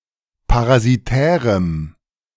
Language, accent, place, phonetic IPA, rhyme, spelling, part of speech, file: German, Germany, Berlin, [paʁaziˈtɛːʁəm], -ɛːʁəm, parasitärem, adjective, De-parasitärem.ogg
- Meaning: strong dative masculine/neuter singular of parasitär